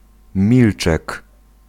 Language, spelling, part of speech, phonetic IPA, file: Polish, milczek, noun, [ˈmʲilt͡ʃɛk], Pl-milczek.ogg